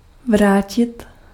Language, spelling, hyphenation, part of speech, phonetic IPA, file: Czech, vrátit, vrá‧tit, verb, [ˈvraːcɪt], Cs-vrátit.ogg
- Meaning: 1. to return 2. to return, to go back